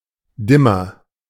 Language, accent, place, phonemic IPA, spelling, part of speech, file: German, Germany, Berlin, /ˈdɪmɐ/, Dimmer, noun, De-Dimmer.ogg
- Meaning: dimmer (rheostat to vary the intensity of electric light)